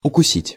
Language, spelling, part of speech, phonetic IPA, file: Russian, укусить, verb, [ʊkʊˈsʲitʲ], Ru-укусить.ogg
- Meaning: 1. to bite 2. to sting